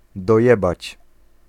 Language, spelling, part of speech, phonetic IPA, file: Polish, dojebać, verb, [dɔˈjɛbat͡ɕ], Pl-dojebać.ogg